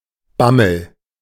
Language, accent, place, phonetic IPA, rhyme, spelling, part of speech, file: German, Germany, Berlin, [ˈbaml̩], -aml̩, Bammel, noun, De-Bammel.ogg
- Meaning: fear, anxiety (especially relating to the outcome of some action)